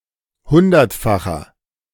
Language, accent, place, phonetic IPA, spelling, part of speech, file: German, Germany, Berlin, [ˈhʊndɐtˌfaxɐ], hundertfacher, adjective, De-hundertfacher.ogg
- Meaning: inflection of hundertfach: 1. strong/mixed nominative masculine singular 2. strong genitive/dative feminine singular 3. strong genitive plural